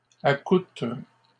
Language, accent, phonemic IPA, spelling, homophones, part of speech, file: French, Canada, /a.kutʁ/, accoutrent, accoutre / accoutres, verb, LL-Q150 (fra)-accoutrent.wav
- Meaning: third-person plural present indicative/subjunctive of accoutrer